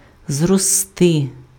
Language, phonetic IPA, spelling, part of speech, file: Ukrainian, [zrɔˈstɪ], зрости, verb, Uk-зрости.ogg
- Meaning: 1. to grow 2. to grow up 3. to increase, to rise (grow in amount)